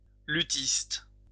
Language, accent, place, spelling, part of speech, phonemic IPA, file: French, France, Lyon, luthiste, noun, /ly.tist/, LL-Q150 (fra)-luthiste.wav
- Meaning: lutenist